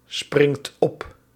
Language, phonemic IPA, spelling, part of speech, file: Dutch, /ˈsprɪŋt ˈɔp/, springt op, verb, Nl-springt op.ogg
- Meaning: inflection of opspringen: 1. second/third-person singular present indicative 2. plural imperative